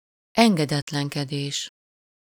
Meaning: verbal noun of engedetlenkedik: disobedience (act of disobeying)
- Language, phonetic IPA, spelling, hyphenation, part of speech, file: Hungarian, [ˈɛŋɡɛdɛtlɛŋkɛdeːʃ], engedetlenkedés, en‧ge‧det‧len‧ke‧dés, noun, Hu-engedetlenkedés.ogg